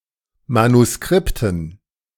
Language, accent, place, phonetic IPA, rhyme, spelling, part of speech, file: German, Germany, Berlin, [manuˈskʁɪptn̩], -ɪptn̩, Manuskripten, noun, De-Manuskripten.ogg
- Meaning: dative plural of Manuskript